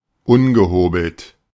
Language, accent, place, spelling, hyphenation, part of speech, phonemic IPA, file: German, Germany, Berlin, ungehobelt, un‧ge‧ho‧belt, adjective, /ˈʊnɡəˌhoːbl̩t/, De-ungehobelt.ogg
- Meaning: 1. unpolished 2. uncouth